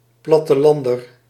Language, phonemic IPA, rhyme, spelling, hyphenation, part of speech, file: Dutch, /ˌplɑ.təˈlɑn.dər/, -ɑndər, plattelander, plat‧te‧lan‧der, noun, Nl-plattelander.ogg
- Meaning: a country-dweller, a rustic, someone who lives outside (large) inhabited areas